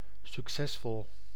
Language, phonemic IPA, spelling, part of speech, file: Dutch, /sykˈsɛsfɔl/, succesvol, adjective, Nl-succesvol.ogg
- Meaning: successful